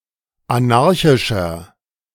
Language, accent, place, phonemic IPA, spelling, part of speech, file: German, Germany, Berlin, /ʔaˈnaʁçɪʃɐ/, anarchischer, adjective, De-anarchischer.ogg
- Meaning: 1. comparative degree of anarchisch 2. inflection of anarchisch: strong/mixed nominative masculine singular 3. inflection of anarchisch: strong genitive/dative feminine singular